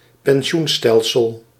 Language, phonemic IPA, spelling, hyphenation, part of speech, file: Dutch, /pɛnˈʃunˌstɛl.səl/, pensioenstelsel, pen‧si‧oen‧stel‧sel, noun, Nl-pensioenstelsel.ogg
- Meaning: pension system, pension scheme